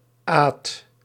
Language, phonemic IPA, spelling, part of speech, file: Dutch, /aːt/, -aat, suffix, Nl--aat.ogg
- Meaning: -ate